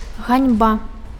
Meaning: disgrace, shame
- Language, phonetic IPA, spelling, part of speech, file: Belarusian, [ˈɣanʲba], ганьба, noun, Be-ганьба.ogg